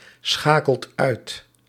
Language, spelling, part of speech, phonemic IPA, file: Dutch, schakelt uit, verb, /ˈsxakəlt ˈœyt/, Nl-schakelt uit.ogg
- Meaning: inflection of uitschakelen: 1. second/third-person singular present indicative 2. plural imperative